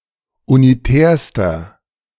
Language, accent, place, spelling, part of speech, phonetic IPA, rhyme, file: German, Germany, Berlin, unitärster, adjective, [uniˈtɛːɐ̯stɐ], -ɛːɐ̯stɐ, De-unitärster.ogg
- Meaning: inflection of unitär: 1. strong/mixed nominative masculine singular superlative degree 2. strong genitive/dative feminine singular superlative degree 3. strong genitive plural superlative degree